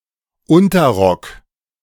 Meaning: petticoat (woman's garment worn under a skirt)
- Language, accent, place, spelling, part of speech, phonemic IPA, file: German, Germany, Berlin, Unterrock, noun, /ˈʊntɐˌʁɔk/, De-Unterrock.ogg